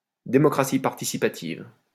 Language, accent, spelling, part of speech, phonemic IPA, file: French, France, démocratie participative, noun, /de.mɔ.kʁa.si paʁ.ti.si.pa.tiv/, LL-Q150 (fra)-démocratie participative.wav
- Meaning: participatory democracy (political system)